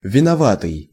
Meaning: guilty
- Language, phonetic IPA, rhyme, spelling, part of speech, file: Russian, [vʲɪnɐˈvatɨj], -atɨj, виноватый, adjective, Ru-виноватый.ogg